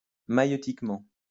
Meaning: maieutically, Socratically
- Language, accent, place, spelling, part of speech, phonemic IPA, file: French, France, Lyon, maïeutiquement, adverb, /ma.jø.tik.mɑ̃/, LL-Q150 (fra)-maïeutiquement.wav